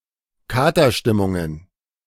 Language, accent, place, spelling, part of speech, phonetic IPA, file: German, Germany, Berlin, Katerstimmungen, noun, [ˈkaːtɐˌʃtɪmʊŋən], De-Katerstimmungen.ogg
- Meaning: plural of Katerstimmung